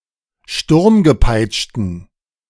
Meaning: inflection of sturmgepeitscht: 1. strong genitive masculine/neuter singular 2. weak/mixed genitive/dative all-gender singular 3. strong/weak/mixed accusative masculine singular 4. strong dative plural
- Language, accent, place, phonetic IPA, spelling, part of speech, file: German, Germany, Berlin, [ˈʃtʊʁmɡəˌpaɪ̯t͡ʃtn̩], sturmgepeitschten, adjective, De-sturmgepeitschten.ogg